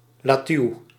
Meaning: lettuce
- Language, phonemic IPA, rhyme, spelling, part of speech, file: Dutch, /laːˈtyu̯/, -yu̯, latuw, noun, Nl-latuw.ogg